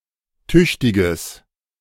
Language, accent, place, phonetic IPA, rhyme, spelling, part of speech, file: German, Germany, Berlin, [ˈtʏçtɪɡəs], -ʏçtɪɡəs, tüchtiges, adjective, De-tüchtiges.ogg
- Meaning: strong/mixed nominative/accusative neuter singular of tüchtig